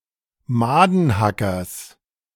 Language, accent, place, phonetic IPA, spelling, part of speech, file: German, Germany, Berlin, [ˈmaːdn̩ˌhakɐs], Madenhackers, noun, De-Madenhackers.ogg
- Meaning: genitive of Madenhacker